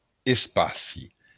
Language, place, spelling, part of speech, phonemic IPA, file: Occitan, Béarn, espaci, noun, /esˈpasi/, LL-Q14185 (oci)-espaci.wav
- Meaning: space (the near-vacuum in which planets, stars and other celestial objects are situated)